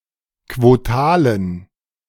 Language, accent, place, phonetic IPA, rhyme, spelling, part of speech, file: German, Germany, Berlin, [kvoˈtaːlən], -aːlən, quotalen, adjective, De-quotalen.ogg
- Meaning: inflection of quotal: 1. strong genitive masculine/neuter singular 2. weak/mixed genitive/dative all-gender singular 3. strong/weak/mixed accusative masculine singular 4. strong dative plural